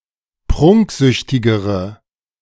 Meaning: inflection of prunksüchtig: 1. strong/mixed nominative/accusative feminine singular comparative degree 2. strong nominative/accusative plural comparative degree
- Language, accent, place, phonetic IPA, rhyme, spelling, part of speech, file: German, Germany, Berlin, [ˈpʁʊŋkˌzʏçtɪɡəʁə], -ʊŋkzʏçtɪɡəʁə, prunksüchtigere, adjective, De-prunksüchtigere.ogg